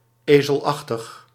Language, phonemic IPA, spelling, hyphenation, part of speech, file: Dutch, /ˈeː.zəlˌɑx.təx/, ezelachtig, ezel‧ach‧tig, adjective, Nl-ezelachtig.ogg
- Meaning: 1. like a donkey 2. asinine, stupid